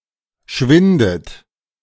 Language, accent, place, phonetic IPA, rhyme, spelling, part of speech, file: German, Germany, Berlin, [ˈʃvɪndət], -ɪndət, schwindet, verb, De-schwindet.ogg
- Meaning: inflection of schwinden: 1. third-person singular present 2. second-person plural present 3. second-person plural subjunctive I 4. plural imperative